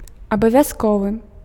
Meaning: 1. mandatory 2. required
- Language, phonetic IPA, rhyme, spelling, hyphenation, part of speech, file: Belarusian, [abavʲaˈskovɨ], -ovɨ, абавязковы, аба‧вяз‧ковы, adjective, Be-абавязковы.ogg